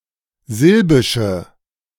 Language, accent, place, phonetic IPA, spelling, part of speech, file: German, Germany, Berlin, [ˈzɪlbɪʃə], silbische, adjective, De-silbische.ogg
- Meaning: inflection of silbisch: 1. strong/mixed nominative/accusative feminine singular 2. strong nominative/accusative plural 3. weak nominative all-gender singular